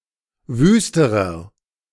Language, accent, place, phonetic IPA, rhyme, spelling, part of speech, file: German, Germany, Berlin, [ˈvyːstəʁɐ], -yːstəʁɐ, wüsterer, adjective, De-wüsterer.ogg
- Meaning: inflection of wüst: 1. strong/mixed nominative masculine singular comparative degree 2. strong genitive/dative feminine singular comparative degree 3. strong genitive plural comparative degree